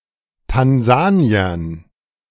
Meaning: dative plural of Tansanier
- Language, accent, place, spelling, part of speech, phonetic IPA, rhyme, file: German, Germany, Berlin, Tansaniern, noun, [tanˈzaːni̯ɐn], -aːni̯ɐn, De-Tansaniern.ogg